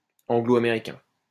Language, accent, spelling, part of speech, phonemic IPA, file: French, France, anglo-américain, adjective, /ɑ̃.ɡlo.a.me.ʁi.kɛ̃/, LL-Q150 (fra)-anglo-américain.wav
- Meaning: Anglo-American